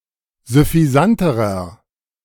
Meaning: inflection of süffisant: 1. strong/mixed nominative masculine singular comparative degree 2. strong genitive/dative feminine singular comparative degree 3. strong genitive plural comparative degree
- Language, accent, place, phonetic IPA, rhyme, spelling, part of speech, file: German, Germany, Berlin, [zʏfiˈzantəʁɐ], -antəʁɐ, süffisanterer, adjective, De-süffisanterer.ogg